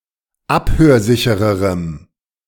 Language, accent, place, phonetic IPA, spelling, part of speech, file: German, Germany, Berlin, [ˈaphøːɐ̯ˌzɪçəʁəʁəm], abhörsichererem, adjective, De-abhörsichererem.ogg
- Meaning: strong dative masculine/neuter singular comparative degree of abhörsicher